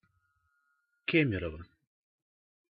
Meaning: Kemerovo (a city in Siberia, Russia)
- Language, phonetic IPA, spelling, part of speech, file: Russian, [ˈkʲemʲɪrəvə], Кемерово, proper noun, Ru-Кемерово.ogg